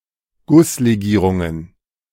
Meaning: plural of Gusslegierung
- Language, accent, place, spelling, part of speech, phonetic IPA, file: German, Germany, Berlin, Gusslegierungen, noun, [ˈɡʊsleˌɡiːʁʊŋən], De-Gusslegierungen.ogg